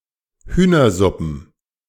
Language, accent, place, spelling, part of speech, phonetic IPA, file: German, Germany, Berlin, Hühnersuppen, noun, [ˈhyːnɐˌzʊpn̩], De-Hühnersuppen.ogg
- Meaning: plural of Hühnersuppe